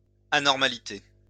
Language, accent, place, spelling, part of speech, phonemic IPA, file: French, France, Lyon, anormalité, noun, /a.nɔʁ.ma.li.te/, LL-Q150 (fra)-anormalité.wav
- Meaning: abnormality (state of being abnormal)